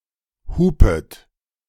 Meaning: second-person plural subjunctive I of hupen
- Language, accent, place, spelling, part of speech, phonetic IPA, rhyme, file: German, Germany, Berlin, hupet, verb, [ˈhuːpət], -uːpət, De-hupet.ogg